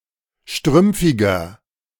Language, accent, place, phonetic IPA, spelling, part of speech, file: German, Germany, Berlin, [ˈʃtʁʏmp͡fɪɡɐ], strümpfiger, adjective, De-strümpfiger.ogg
- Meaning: inflection of strümpfig: 1. strong/mixed nominative masculine singular 2. strong genitive/dative feminine singular 3. strong genitive plural